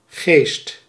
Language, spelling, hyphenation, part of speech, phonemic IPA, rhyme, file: Dutch, geest, geest, noun, /ɣeːst/, -eːst, Nl-geest.ogg
- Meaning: 1. ghost, spirit, immaterial being 2. mind, mental consciousness 3. mindset, mentality 4. life force, vital energy 5. spirit, gas, distillate, essence 6. heath, heathland